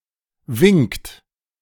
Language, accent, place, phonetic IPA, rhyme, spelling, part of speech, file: German, Germany, Berlin, [vɪŋkt], -ɪŋkt, winkt, verb, De-winkt.ogg
- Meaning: inflection of winken: 1. third-person singular present 2. second-person plural present 3. plural imperative